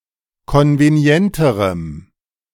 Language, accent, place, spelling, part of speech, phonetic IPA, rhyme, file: German, Germany, Berlin, konvenienterem, adjective, [ˌkɔnveˈni̯ɛntəʁəm], -ɛntəʁəm, De-konvenienterem.ogg
- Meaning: strong dative masculine/neuter singular comparative degree of konvenient